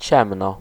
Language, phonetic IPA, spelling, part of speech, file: Polish, [ˈt͡ɕɛ̃mnɔ], ciemno, adverb / noun, Pl-ciemno.ogg